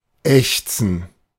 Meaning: gerund of ächzen
- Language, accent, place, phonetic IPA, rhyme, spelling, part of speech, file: German, Germany, Berlin, [ˈɛçt͡sn̩], -ɛçt͡sn̩, Ächzen, noun, De-Ächzen.ogg